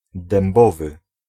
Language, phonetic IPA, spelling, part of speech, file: Polish, [dɛ̃mˈbɔvɨ], dębowy, adjective, Pl-dębowy.ogg